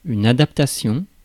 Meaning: adaptation (all senses)
- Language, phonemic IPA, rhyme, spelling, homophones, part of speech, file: French, /a.dap.ta.sjɔ̃/, -ɔ̃, adaptation, adaptations, noun, Fr-adaptation.ogg